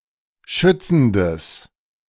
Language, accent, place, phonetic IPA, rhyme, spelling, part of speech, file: German, Germany, Berlin, [ˈʃʏt͡sn̩dəs], -ʏt͡sn̩dəs, schützendes, adjective, De-schützendes.ogg
- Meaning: strong/mixed nominative/accusative neuter singular of schützend